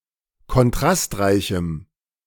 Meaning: strong dative masculine/neuter singular of kontrastreich
- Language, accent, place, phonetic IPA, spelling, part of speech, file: German, Germany, Berlin, [kɔnˈtʁastˌʁaɪ̯çm̩], kontrastreichem, adjective, De-kontrastreichem.ogg